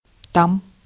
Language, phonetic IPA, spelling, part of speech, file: Russian, [tam], там, adverb / particle, Ru-там.ogg
- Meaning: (adverb) 1. there 2. used to reference another topic in a list; next, then, else